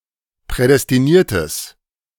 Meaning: strong/mixed nominative/accusative neuter singular of prädestiniert
- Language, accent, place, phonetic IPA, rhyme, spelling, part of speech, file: German, Germany, Berlin, [ˌpʁɛdɛstiˈniːɐ̯təs], -iːɐ̯təs, prädestiniertes, adjective, De-prädestiniertes.ogg